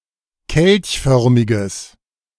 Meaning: strong/mixed nominative/accusative neuter singular of kelchförmig
- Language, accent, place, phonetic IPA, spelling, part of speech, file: German, Germany, Berlin, [ˈkɛlçˌfœʁmɪɡəs], kelchförmiges, adjective, De-kelchförmiges.ogg